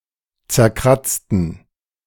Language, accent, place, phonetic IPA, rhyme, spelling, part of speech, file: German, Germany, Berlin, [t͡sɛɐ̯ˈkʁat͡stn̩], -at͡stn̩, zerkratzten, adjective / verb, De-zerkratzten.ogg
- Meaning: inflection of zerkratzen: 1. first/third-person plural preterite 2. first/third-person plural subjunctive II